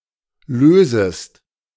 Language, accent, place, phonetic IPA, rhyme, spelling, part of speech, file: German, Germany, Berlin, [ˈløːzəst], -øːzəst, lösest, verb, De-lösest.ogg
- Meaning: second-person singular subjunctive I of lösen